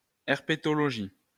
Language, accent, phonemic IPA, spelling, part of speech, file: French, France, /ɛʁ.pe.tɔ.lɔ.ʒi/, herpétologie, noun, LL-Q150 (fra)-herpétologie.wav
- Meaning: herpetology